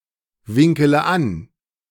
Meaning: inflection of anwinkeln: 1. first-person singular present 2. first-person plural subjunctive I 3. third-person singular subjunctive I 4. singular imperative
- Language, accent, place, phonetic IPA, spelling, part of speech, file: German, Germany, Berlin, [ˌvɪŋkələ ˈan], winkele an, verb, De-winkele an.ogg